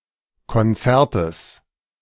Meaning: genitive singular of Konzert
- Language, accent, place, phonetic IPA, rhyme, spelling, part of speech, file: German, Germany, Berlin, [kɔnˈt͡sɛʁtəs], -ɛʁtəs, Konzertes, noun, De-Konzertes.ogg